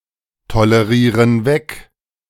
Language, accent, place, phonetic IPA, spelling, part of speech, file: German, Germany, Berlin, [toləˌʁiːʁən ˈvɛk], tolerieren weg, verb, De-tolerieren weg.ogg
- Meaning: inflection of wegtolerieren: 1. first/third-person plural present 2. first/third-person plural subjunctive I